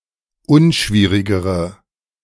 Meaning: inflection of unschwierig: 1. strong/mixed nominative/accusative feminine singular comparative degree 2. strong nominative/accusative plural comparative degree
- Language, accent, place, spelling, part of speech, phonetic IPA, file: German, Germany, Berlin, unschwierigere, adjective, [ˈʊnˌʃviːʁɪɡəʁə], De-unschwierigere.ogg